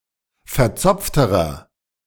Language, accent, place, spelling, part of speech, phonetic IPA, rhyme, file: German, Germany, Berlin, verzopfterer, adjective, [fɛɐ̯ˈt͡sɔp͡ftəʁɐ], -ɔp͡ftəʁɐ, De-verzopfterer.ogg
- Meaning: inflection of verzopft: 1. strong/mixed nominative masculine singular comparative degree 2. strong genitive/dative feminine singular comparative degree 3. strong genitive plural comparative degree